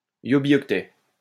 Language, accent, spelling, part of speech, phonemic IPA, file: French, France, yobioctet, noun, /jɔ.bjɔk.tɛ/, LL-Q150 (fra)-yobioctet.wav
- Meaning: yobibyte